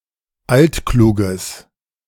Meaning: having an old (longstanding) illness or injury
- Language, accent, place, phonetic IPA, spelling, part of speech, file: German, Germany, Berlin, [ˈaltˌkʁaŋk], altkrank, adjective, De-altkrank.ogg